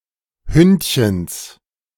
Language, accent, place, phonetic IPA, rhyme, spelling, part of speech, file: German, Germany, Berlin, [ˈhʏntçəns], -ʏntçəns, Hündchens, noun, De-Hündchens.ogg
- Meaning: genitive singular of Hündchen